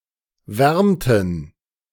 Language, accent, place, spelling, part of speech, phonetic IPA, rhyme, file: German, Germany, Berlin, wärmten, verb, [ˈvɛʁmtn̩], -ɛʁmtn̩, De-wärmten.ogg
- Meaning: inflection of wärmen: 1. first/third-person plural preterite 2. first/third-person plural subjunctive II